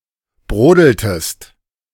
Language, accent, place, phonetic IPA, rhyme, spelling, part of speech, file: German, Germany, Berlin, [ˈbʁoːdl̩təst], -oːdl̩təst, brodeltest, verb, De-brodeltest.ogg
- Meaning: inflection of brodeln: 1. second-person singular preterite 2. second-person singular subjunctive II